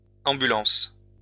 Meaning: plural of ambulance
- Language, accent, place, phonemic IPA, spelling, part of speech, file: French, France, Lyon, /ɑ̃.by.lɑ̃s/, ambulances, noun, LL-Q150 (fra)-ambulances.wav